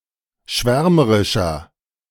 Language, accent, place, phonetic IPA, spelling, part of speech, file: German, Germany, Berlin, [ˈʃvɛʁməʁɪʃɐ], schwärmerischer, adjective, De-schwärmerischer.ogg
- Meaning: 1. comparative degree of schwärmerisch 2. inflection of schwärmerisch: strong/mixed nominative masculine singular 3. inflection of schwärmerisch: strong genitive/dative feminine singular